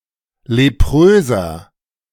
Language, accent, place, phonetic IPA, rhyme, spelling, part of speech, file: German, Germany, Berlin, [leˈpʁøːzɐ], -øːzɐ, lepröser, adjective, De-lepröser.ogg
- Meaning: inflection of leprös: 1. strong/mixed nominative masculine singular 2. strong genitive/dative feminine singular 3. strong genitive plural